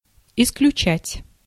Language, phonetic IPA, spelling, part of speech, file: Russian, [ɪsklʲʉˈt͡ɕætʲ], исключать, verb, Ru-исключать.ogg
- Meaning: 1. to exclude 2. to expel 3. to eliminate